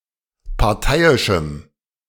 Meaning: strong dative masculine/neuter singular of parteiisch
- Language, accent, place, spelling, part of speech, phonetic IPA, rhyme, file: German, Germany, Berlin, parteiischem, adjective, [paʁˈtaɪ̯ɪʃm̩], -aɪ̯ɪʃm̩, De-parteiischem.ogg